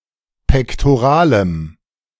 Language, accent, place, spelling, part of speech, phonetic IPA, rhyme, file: German, Germany, Berlin, pektoralem, adjective, [pɛktoˈʁaːləm], -aːləm, De-pektoralem.ogg
- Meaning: strong dative masculine/neuter singular of pektoral